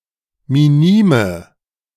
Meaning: inflection of minim: 1. strong/mixed nominative/accusative feminine singular 2. strong nominative/accusative plural 3. weak nominative all-gender singular 4. weak accusative feminine/neuter singular
- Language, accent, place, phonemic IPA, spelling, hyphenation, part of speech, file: German, Germany, Berlin, /miˈniːmə/, minime, mi‧ni‧me, adjective, De-minime.ogg